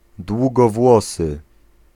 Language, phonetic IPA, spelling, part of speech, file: Polish, [ˌdwuɡɔˈvwɔsɨ], długowłosy, adjective / noun, Pl-długowłosy.ogg